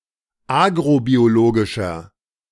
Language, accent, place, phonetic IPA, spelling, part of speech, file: German, Germany, Berlin, [ˈaːɡʁobioˌloːɡɪʃɐ], agrobiologischer, adjective, De-agrobiologischer.ogg
- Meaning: inflection of agrobiologisch: 1. strong/mixed nominative masculine singular 2. strong genitive/dative feminine singular 3. strong genitive plural